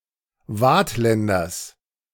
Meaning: genitive of Waadtländer
- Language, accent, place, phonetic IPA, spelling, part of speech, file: German, Germany, Berlin, [ˈvaːtˌlɛndɐs], Waadtländers, noun, De-Waadtländers.ogg